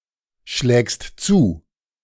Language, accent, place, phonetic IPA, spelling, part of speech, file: German, Germany, Berlin, [ˌʃlɛːkst ˈt͡suː], schlägst zu, verb, De-schlägst zu.ogg
- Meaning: second-person singular present of zuschlagen